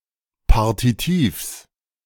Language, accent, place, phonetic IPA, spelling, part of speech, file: German, Germany, Berlin, [ˈpaʁtitiːfs], Partitivs, noun, De-Partitivs.ogg
- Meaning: genitive singular of Partitiv